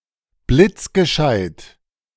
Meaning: very clever; quick on the uptake
- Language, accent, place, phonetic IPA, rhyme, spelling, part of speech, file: German, Germany, Berlin, [ˌblɪt͡sɡəˈʃaɪ̯t], -aɪ̯t, blitzgescheit, adjective, De-blitzgescheit.ogg